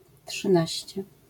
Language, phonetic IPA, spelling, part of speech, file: Polish, [ṭʃɨ̃ˈnaɕt͡ɕɛ], trzynaście, adjective, LL-Q809 (pol)-trzynaście.wav